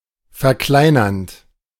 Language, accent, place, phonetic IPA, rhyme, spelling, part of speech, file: German, Germany, Berlin, [fɛɐ̯ˈklaɪ̯nɐnt], -aɪ̯nɐnt, verkleinernd, verb, De-verkleinernd.ogg
- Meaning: present participle of verkleinern